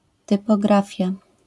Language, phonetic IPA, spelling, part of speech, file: Polish, [ˌtɨpɔˈɡrafʲja], typografia, noun, LL-Q809 (pol)-typografia.wav